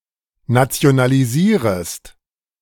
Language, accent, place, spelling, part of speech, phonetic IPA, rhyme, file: German, Germany, Berlin, nationalisierest, verb, [nat͡si̯onaliˈziːʁəst], -iːʁəst, De-nationalisierest.ogg
- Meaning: second-person singular subjunctive I of nationalisieren